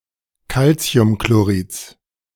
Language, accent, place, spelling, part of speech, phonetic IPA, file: German, Germany, Berlin, Calciumchlorids, noun, [ˈkalt͡si̯ʊmkloˌʁiːt͡s], De-Calciumchlorids.ogg
- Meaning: genitive singular of Calciumchlorid